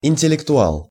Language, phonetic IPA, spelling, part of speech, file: Russian, [ɪnʲtʲɪlʲɪktʊˈaɫ], интеллектуал, noun, Ru-интеллектуал.ogg
- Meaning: intellectual